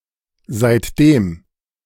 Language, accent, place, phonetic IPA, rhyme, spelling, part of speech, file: German, Germany, Berlin, [zaɪ̯tˈdeːm], -eːm, seitdem, adverb / conjunction, De-seitdem.ogg
- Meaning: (conjunction) 1. since, ever since 2. since that; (adverb) 1. since 2. since then, since that time